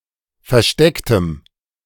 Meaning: strong dative masculine/neuter singular of versteckt
- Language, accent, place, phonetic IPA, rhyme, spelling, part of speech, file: German, Germany, Berlin, [fɛɐ̯ˈʃtɛktəm], -ɛktəm, verstecktem, adjective, De-verstecktem.ogg